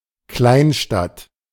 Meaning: 1. small town (in Germany, specifically a town of 5000–20,000 inhabitants) 2. township
- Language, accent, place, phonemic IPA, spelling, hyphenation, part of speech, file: German, Germany, Berlin, /ˈklaɪ̯nˌʃtat/, Kleinstadt, Klein‧stadt, noun, De-Kleinstadt.ogg